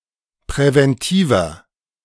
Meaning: inflection of präventiv: 1. strong/mixed nominative masculine singular 2. strong genitive/dative feminine singular 3. strong genitive plural
- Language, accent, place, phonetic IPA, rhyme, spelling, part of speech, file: German, Germany, Berlin, [pʁɛvɛnˈtiːvɐ], -iːvɐ, präventiver, adjective, De-präventiver.ogg